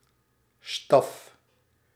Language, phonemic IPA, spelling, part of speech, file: Dutch, /stɑf/, staf, noun, Nl-staf.ogg
- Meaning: 1. staff (stick) 2. staff (employees)